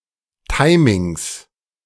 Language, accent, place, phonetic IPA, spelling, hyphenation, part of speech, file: German, Germany, Berlin, [ˈtaɪ̯mɪŋs], Timings, Ti‧mings, noun, De-Timings.ogg
- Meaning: 1. plural of Timing 2. genitive singular of Timing